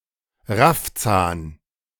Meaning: 1. crooked upper incisor jutting out under the upper lip 2. greedy bastard, puttock (a person who is grabby, greedy, grasping, rapacious)
- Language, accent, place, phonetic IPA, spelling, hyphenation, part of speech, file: German, Germany, Berlin, [ˈʁafˌt͡saːn], Raffzahn, Raff‧zahn, noun, De-Raffzahn.ogg